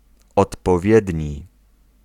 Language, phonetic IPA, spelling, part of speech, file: Polish, [ˌɔtpɔˈvʲjɛdʲɲi], odpowiedni, adjective, Pl-odpowiedni.ogg